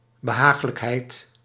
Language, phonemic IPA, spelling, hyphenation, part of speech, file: Dutch, /bəˈɦaːx.ləkˌɦɛi̯t/, behaaglijkheid, be‧haag‧lijk‧heid, noun, Nl-behaaglijkheid.ogg
- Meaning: agreeableness, pleasantness